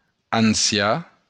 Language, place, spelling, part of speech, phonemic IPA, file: Occitan, Béarn, ancian, adjective, /anˈsja/, LL-Q14185 (oci)-ancian.wav
- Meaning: old; ancient